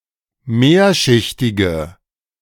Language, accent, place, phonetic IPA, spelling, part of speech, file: German, Germany, Berlin, [ˈmeːɐ̯ʃɪçtɪɡə], mehrschichtige, adjective, De-mehrschichtige.ogg
- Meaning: inflection of mehrschichtig: 1. strong/mixed nominative/accusative feminine singular 2. strong nominative/accusative plural 3. weak nominative all-gender singular